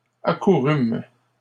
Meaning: first-person plural past historic of accourir
- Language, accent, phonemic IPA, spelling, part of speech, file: French, Canada, /a.ku.ʁym/, accourûmes, verb, LL-Q150 (fra)-accourûmes.wav